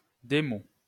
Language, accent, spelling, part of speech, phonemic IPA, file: French, France, démo, noun, /de.mo/, LL-Q150 (fra)-démo.wav
- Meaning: demo